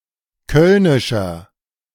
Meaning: inflection of kölnisch: 1. strong/mixed nominative masculine singular 2. strong genitive/dative feminine singular 3. strong genitive plural
- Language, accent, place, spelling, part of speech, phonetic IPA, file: German, Germany, Berlin, kölnischer, adjective, [ˈkœlnɪʃɐ], De-kölnischer.ogg